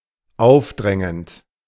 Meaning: present participle of aufdrängen
- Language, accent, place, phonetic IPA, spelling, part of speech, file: German, Germany, Berlin, [ˈaʊ̯fˌdʁɛŋənt], aufdrängend, verb, De-aufdrängend.ogg